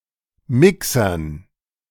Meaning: dative plural of Mixer
- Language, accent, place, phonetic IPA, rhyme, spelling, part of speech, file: German, Germany, Berlin, [ˈmɪksɐn], -ɪksɐn, Mixern, noun, De-Mixern.ogg